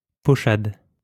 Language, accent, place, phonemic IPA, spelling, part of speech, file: French, France, Lyon, /pɔ.ʃad/, pochade, noun, LL-Q150 (fra)-pochade.wav
- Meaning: pochade